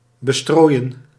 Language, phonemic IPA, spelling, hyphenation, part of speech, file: Dutch, /bəˈstroːi̯ə(n)/, bestrooien, be‧strooi‧en, verb, Nl-bestrooien.ogg
- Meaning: to bestrew, to sprinkle on, to scatter on